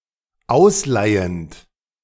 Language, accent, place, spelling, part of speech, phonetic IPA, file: German, Germany, Berlin, ausleihend, verb, [ˈaʊ̯sˌlaɪ̯ənt], De-ausleihend.ogg
- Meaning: present participle of ausleihen